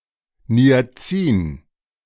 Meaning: niacin, a B vitamin
- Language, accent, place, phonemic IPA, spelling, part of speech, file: German, Germany, Berlin, /ni̯aˈt͡siːn/, Niacin, noun, De-Niacin.ogg